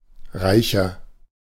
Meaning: 1. comparative degree of reich 2. inflection of reich: strong/mixed nominative masculine singular 3. inflection of reich: strong genitive/dative feminine singular
- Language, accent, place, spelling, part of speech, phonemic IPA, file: German, Germany, Berlin, reicher, adjective, /ˈʁaɪ̯çɐ/, De-reicher.ogg